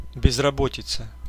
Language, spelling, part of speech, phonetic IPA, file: Russian, безработица, noun, [bʲɪzrɐˈbotʲɪt͡sə], Ru-безработица.ogg
- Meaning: unemployment